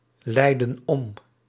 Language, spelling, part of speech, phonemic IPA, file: Dutch, leiden om, verb, /ˈlɛidə(n) ˈɔm/, Nl-leiden om.ogg
- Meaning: inflection of omleiden: 1. plural present indicative 2. plural present subjunctive